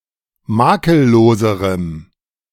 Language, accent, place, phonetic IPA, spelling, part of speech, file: German, Germany, Berlin, [ˈmaːkəlˌloːzəʁəm], makelloserem, adjective, De-makelloserem.ogg
- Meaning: strong dative masculine/neuter singular comparative degree of makellos